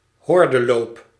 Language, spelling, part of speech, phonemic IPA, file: Dutch, hordeloop, noun, /ˈhɔrdəˌlop/, Nl-hordeloop.ogg
- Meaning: 1. athletic discipline in which the runners must also jump regularly placed hurdles 2. path strewn with obstacles